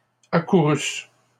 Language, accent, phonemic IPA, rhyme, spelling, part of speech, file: French, Canada, /a.ku.ʁys/, -ys, accourussent, verb, LL-Q150 (fra)-accourussent.wav
- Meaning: third-person plural imperfect subjunctive of accourir